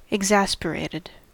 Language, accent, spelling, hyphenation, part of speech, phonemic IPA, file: English, US, exasperated, ex‧as‧per‧at‧ed, verb / adjective, /ɪɡˈzæspəɹeɪtɪd/, En-us-exasperated.ogg
- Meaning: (verb) simple past and past participle of exasperate; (adjective) 1. Having one's patience greatly taxed; greatly annoyed; made furious 2. Made worse or more intense